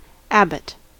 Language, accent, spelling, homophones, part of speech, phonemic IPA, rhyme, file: English, US, abbot, Abbot / Abbott, noun, /ˈæbət/, -æbət, En-us-abbot.ogg
- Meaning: 1. The superior or head of an abbey or monastery 2. The pastor or administrator of an order, including minor and major orders starting with the minor order of porter